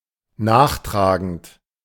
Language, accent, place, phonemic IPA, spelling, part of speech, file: German, Germany, Berlin, /ˈnaːχˌtʁaːɡənt/, nachtragend, verb / adjective, De-nachtragend.ogg
- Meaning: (verb) present participle of nachtragen